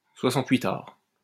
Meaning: soixante-huitard
- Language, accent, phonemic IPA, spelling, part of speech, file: French, France, /swa.sɑ̃.tɥi.taʁ/, soixante-huitard, noun, LL-Q150 (fra)-soixante-huitard.wav